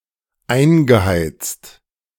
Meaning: past participle of einheizen
- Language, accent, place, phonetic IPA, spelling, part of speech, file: German, Germany, Berlin, [ˈaɪ̯nɡəˌhaɪ̯t͡st], eingeheizt, verb, De-eingeheizt.ogg